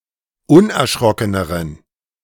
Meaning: inflection of unerschrocken: 1. strong genitive masculine/neuter singular comparative degree 2. weak/mixed genitive/dative all-gender singular comparative degree
- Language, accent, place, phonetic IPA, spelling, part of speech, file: German, Germany, Berlin, [ˈʊnʔɛɐ̯ˌʃʁɔkənəʁən], unerschrockeneren, adjective, De-unerschrockeneren.ogg